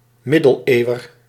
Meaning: a person living in the Middle Ages
- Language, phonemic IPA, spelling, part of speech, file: Dutch, /ˈmɪdəlˌewər/, middeleeuwer, noun, Nl-middeleeuwer.ogg